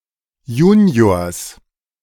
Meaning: genitive singular of Junior
- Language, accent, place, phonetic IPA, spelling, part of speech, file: German, Germany, Berlin, [ˈjuːni̯oːɐ̯s], Juniors, noun, De-Juniors.ogg